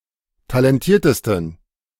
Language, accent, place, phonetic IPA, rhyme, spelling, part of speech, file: German, Germany, Berlin, [talɛnˈtiːɐ̯təstn̩], -iːɐ̯təstn̩, talentiertesten, adjective, De-talentiertesten.ogg
- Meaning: 1. superlative degree of talentiert 2. inflection of talentiert: strong genitive masculine/neuter singular superlative degree